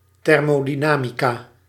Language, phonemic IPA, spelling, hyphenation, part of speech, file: Dutch, /ˌtɛr.moː.diˈnaː.mi.kaː/, thermodynamica, ther‧mo‧dy‧na‧mi‧ca, noun, Nl-thermodynamica.ogg
- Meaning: thermodynamics